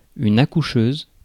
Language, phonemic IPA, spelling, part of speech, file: French, /a.ku.ʃøz/, accoucheuse, noun, Fr-accoucheuse.ogg
- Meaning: midwife